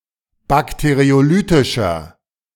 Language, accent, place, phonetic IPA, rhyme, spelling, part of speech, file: German, Germany, Berlin, [ˌbakteʁioˈlyːtɪʃɐ], -yːtɪʃɐ, bakteriolytischer, adjective, De-bakteriolytischer.ogg
- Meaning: inflection of bakteriolytisch: 1. strong/mixed nominative masculine singular 2. strong genitive/dative feminine singular 3. strong genitive plural